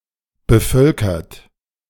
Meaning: 1. past participle of bevölkern 2. inflection of bevölkern: third-person singular present 3. inflection of bevölkern: second-person plural present 4. inflection of bevölkern: plural imperative
- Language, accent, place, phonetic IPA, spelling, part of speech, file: German, Germany, Berlin, [bəˈfœlkɐt], bevölkert, verb, De-bevölkert.ogg